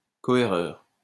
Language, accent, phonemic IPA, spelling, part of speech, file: French, France, /kɔ.e.ʁœʁ/, cohéreur, noun, LL-Q150 (fra)-cohéreur.wav
- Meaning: coherer